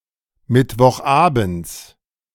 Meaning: genitive of Mittwochabend
- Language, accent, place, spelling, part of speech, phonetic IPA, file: German, Germany, Berlin, Mittwochabends, noun, [ˌmɪtvɔxˈʔaːbn̩t͡s], De-Mittwochabends.ogg